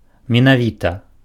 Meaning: exactly, actually
- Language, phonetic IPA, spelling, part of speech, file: Belarusian, [mʲenaˈvʲita], менавіта, adverb, Be-менавіта.ogg